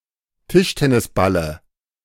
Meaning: dative of Tischtennisball
- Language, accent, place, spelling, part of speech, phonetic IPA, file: German, Germany, Berlin, Tischtennisballe, noun, [ˈtɪʃtɛnɪsbalə], De-Tischtennisballe.ogg